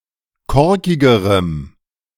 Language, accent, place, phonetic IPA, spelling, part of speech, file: German, Germany, Berlin, [ˈkɔʁkɪɡəʁəm], korkigerem, adjective, De-korkigerem.ogg
- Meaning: strong dative masculine/neuter singular comparative degree of korkig